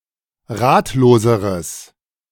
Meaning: strong/mixed nominative/accusative neuter singular comparative degree of ratlos
- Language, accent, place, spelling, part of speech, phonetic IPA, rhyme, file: German, Germany, Berlin, ratloseres, adjective, [ˈʁaːtloːzəʁəs], -aːtloːzəʁəs, De-ratloseres.ogg